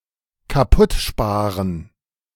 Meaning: to break something by saving too much money on maintenance
- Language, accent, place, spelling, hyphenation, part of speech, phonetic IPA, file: German, Germany, Berlin, kaputtsparen, ka‧putt‧spa‧ren, verb, [kaˈpʊtˌʃpaːʁən], De-kaputtsparen.ogg